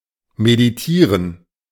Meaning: to meditate
- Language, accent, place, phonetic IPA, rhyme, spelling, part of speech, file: German, Germany, Berlin, [mediˈtiːʁən], -iːʁən, meditieren, verb, De-meditieren.ogg